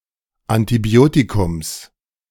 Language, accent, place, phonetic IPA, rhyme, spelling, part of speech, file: German, Germany, Berlin, [antiˈbi̯oːtikʊms], -oːtikʊms, Antibiotikums, noun, De-Antibiotikums.ogg
- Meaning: genitive singular of Antibiotikum